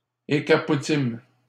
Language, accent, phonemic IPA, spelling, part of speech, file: French, Canada, /e.kʁa.pu.tim/, écrapoutîmes, verb, LL-Q150 (fra)-écrapoutîmes.wav
- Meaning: first-person plural past historic of écrapoutir